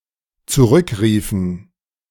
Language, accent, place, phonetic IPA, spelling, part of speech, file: German, Germany, Berlin, [t͡suˈʁʏkˌʁiːfn̩], zurückriefen, verb, De-zurückriefen.ogg
- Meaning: inflection of zurückrufen: 1. first/third-person plural dependent preterite 2. first/third-person plural dependent subjunctive II